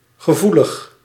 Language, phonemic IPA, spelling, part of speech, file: Dutch, /ɣəˈvuləx/, gevoelig, adjective, Nl-gevoelig.ogg
- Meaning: 1. sensitive 2. prone, predisposed, inclined (to usually undesirable quality)